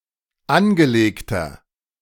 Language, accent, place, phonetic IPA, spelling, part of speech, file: German, Germany, Berlin, [ˈanɡəˌleːktɐ], angelegter, adjective, De-angelegter.ogg
- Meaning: inflection of angelegt: 1. strong/mixed nominative masculine singular 2. strong genitive/dative feminine singular 3. strong genitive plural